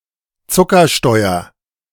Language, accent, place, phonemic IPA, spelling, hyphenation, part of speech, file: German, Germany, Berlin, /ˈt͡sʊkɐˌʃtɔɪ̯ɐ/, Zuckersteuer, Zu‧cker‧steu‧er, noun, De-Zuckersteuer.ogg
- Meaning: sugar tax